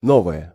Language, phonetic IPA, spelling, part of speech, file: Russian, [ˈnovəjə], новое, adjective / noun, Ru-новое.ogg
- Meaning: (adjective) nominative/accusative neuter singular of но́вый (nóvyj); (noun) something new